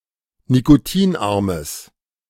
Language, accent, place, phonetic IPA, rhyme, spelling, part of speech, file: German, Germany, Berlin, [nikoˈtiːnˌʔaʁməs], -iːnʔaʁməs, nikotinarmes, adjective, De-nikotinarmes.ogg
- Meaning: strong/mixed nominative/accusative neuter singular of nikotinarm